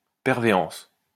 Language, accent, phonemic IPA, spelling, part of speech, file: French, France, /pɛʁ.ve.ɑ̃s/, pervéance, noun, LL-Q150 (fra)-pervéance.wav
- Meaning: perveance